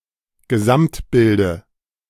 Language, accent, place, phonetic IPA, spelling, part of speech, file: German, Germany, Berlin, [ɡəˈzamtˌbɪldə], Gesamtbilde, noun, De-Gesamtbilde.ogg
- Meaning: dative of Gesamtbild